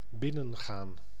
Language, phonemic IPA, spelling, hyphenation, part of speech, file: Dutch, /ˈbɪnə(n)ɣaːn/, binnengaan, bin‧nen‧gaan, verb, Nl-binnengaan.ogg
- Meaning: 1. to enter, go into (a room, etc.) 2. to go inside